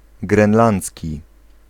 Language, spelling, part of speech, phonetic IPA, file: Polish, grenlandzki, adjective / noun, [ɡrɛ̃nˈlãnt͡sʲci], Pl-grenlandzki.ogg